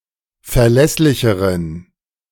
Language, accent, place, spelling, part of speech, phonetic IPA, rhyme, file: German, Germany, Berlin, verlässlicheren, adjective, [fɛɐ̯ˈlɛslɪçəʁən], -ɛslɪçəʁən, De-verlässlicheren.ogg
- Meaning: inflection of verlässlich: 1. strong genitive masculine/neuter singular comparative degree 2. weak/mixed genitive/dative all-gender singular comparative degree